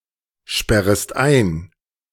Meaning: second-person singular subjunctive I of einsperren
- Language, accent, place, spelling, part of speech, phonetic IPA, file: German, Germany, Berlin, sperrest ein, verb, [ˌʃpɛʁəst ˈaɪ̯n], De-sperrest ein.ogg